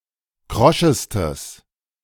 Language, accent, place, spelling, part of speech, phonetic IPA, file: German, Germany, Berlin, kroschestes, adjective, [ˈkʁɔʃəstəs], De-kroschestes.ogg
- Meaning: strong/mixed nominative/accusative neuter singular superlative degree of krosch